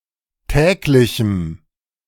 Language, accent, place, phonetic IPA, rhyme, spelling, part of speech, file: German, Germany, Berlin, [ˈtɛːklɪçm̩], -ɛːklɪçm̩, täglichem, adjective, De-täglichem.ogg
- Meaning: strong dative masculine/neuter singular of täglich